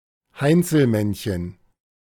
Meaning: brownie (fairy)
- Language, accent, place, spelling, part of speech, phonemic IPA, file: German, Germany, Berlin, Heinzelmännchen, noun, /ˈhaɪ̯nt͡sl̩ˌmɛnçən/, De-Heinzelmännchen.ogg